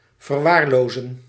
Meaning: to neglect
- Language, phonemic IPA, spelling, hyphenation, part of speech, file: Dutch, /vərˈʋaːrˌloː.zə(n)/, verwaarlozen, ver‧waar‧lo‧zen, verb, Nl-verwaarlozen.ogg